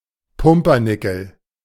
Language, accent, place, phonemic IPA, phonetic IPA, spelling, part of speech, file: German, Germany, Berlin, /ˈpʊmpərˌnɪkəl/, [ˈpʊm.pɐˌnɪ.kl̩], Pumpernickel, noun, De-Pumpernickel.ogg
- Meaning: a type of sourdough rye bread with a strong, sweetish flavor; coarse, brittle, and dark in color; native to north-western Germany, especially Westphalia